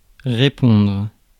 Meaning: 1. to reply, to answer 2. to answer for
- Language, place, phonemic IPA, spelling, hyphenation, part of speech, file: French, Paris, /ʁe.pɔ̃dʁ/, répondre, ré‧pondre, verb, Fr-répondre.ogg